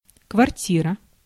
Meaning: 1. apartment, flat 2. quarters (accommodation, particularly for troops)
- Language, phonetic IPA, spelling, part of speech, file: Russian, [kvɐrˈtʲirə], квартира, noun, Ru-квартира.ogg